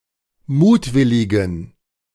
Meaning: inflection of mutwillig: 1. strong genitive masculine/neuter singular 2. weak/mixed genitive/dative all-gender singular 3. strong/weak/mixed accusative masculine singular 4. strong dative plural
- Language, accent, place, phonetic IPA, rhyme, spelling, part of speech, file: German, Germany, Berlin, [ˈmuːtˌvɪlɪɡn̩], -uːtvɪlɪɡn̩, mutwilligen, adjective, De-mutwilligen.ogg